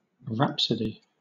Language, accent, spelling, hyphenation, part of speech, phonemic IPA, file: English, Southern England, rhapsody, rhap‧so‧dy, noun / verb, /ˈɹæpsədi/, LL-Q1860 (eng)-rhapsody.wav
- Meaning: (noun) 1. An epic poem, or part of one, suitable for uninterrupted recitation 2. An exaggeratedly enthusiastic or exalted expression of feeling in speech or writing